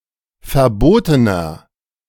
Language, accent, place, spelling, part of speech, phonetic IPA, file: German, Germany, Berlin, verbotener, adjective, [fɛɐ̯ˈboːtənɐ], De-verbotener.ogg
- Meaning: inflection of verboten: 1. strong/mixed nominative masculine singular 2. strong genitive/dative feminine singular 3. strong genitive plural